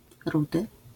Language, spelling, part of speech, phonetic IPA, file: Polish, rudy, adjective / noun, [ˈrudɨ], LL-Q809 (pol)-rudy.wav